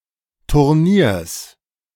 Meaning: genitive singular of Turnier
- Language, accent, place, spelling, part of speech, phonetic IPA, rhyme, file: German, Germany, Berlin, Turniers, noun, [tʊʁˈniːɐ̯s], -iːɐ̯s, De-Turniers.ogg